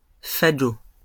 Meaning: fagot (bundle of sticks)
- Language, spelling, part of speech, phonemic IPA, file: French, fagot, noun, /fa.ɡo/, LL-Q150 (fra)-fagot.wav